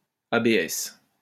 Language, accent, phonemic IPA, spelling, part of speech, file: French, France, /a.be.ɛs/, ABS, noun, LL-Q150 (fra)-ABS.wav
- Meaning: initialism of système de freinage antiblocage